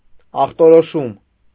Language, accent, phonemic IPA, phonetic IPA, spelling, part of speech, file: Armenian, Eastern Armenian, /ɑχtoɾoˈʃum/, [ɑχtoɾoʃúm], ախտորոշում, noun, Hy-ախտորոշում.ogg
- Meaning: diagnosis